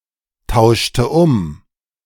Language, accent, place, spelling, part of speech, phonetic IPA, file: German, Germany, Berlin, tauschte um, verb, [ˌtaʊ̯ʃtə ˈʊm], De-tauschte um.ogg
- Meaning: inflection of umtauschen: 1. first/third-person singular preterite 2. first/third-person singular subjunctive II